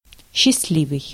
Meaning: 1. happy 2. lucky
- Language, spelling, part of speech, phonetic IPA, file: Russian, счастливый, adjective, [ɕːɪs(t)ˈlʲivɨj], Ru-счастливый.ogg